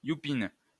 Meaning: female equivalent of youpin: female kike, female yid
- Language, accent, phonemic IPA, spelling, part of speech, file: French, France, /ju.pin/, youpine, noun, LL-Q150 (fra)-youpine.wav